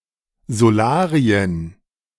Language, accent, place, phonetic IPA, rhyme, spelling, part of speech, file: German, Germany, Berlin, [zoˈlaːʁiən], -aːʁiən, Solarien, noun, De-Solarien.ogg
- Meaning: plural of Solarium